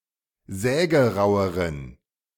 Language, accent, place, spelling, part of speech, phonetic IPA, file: German, Germany, Berlin, sägeraueren, adjective, [ˈzɛːɡəˌʁaʊ̯əʁən], De-sägeraueren.ogg
- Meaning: inflection of sägerau: 1. strong genitive masculine/neuter singular comparative degree 2. weak/mixed genitive/dative all-gender singular comparative degree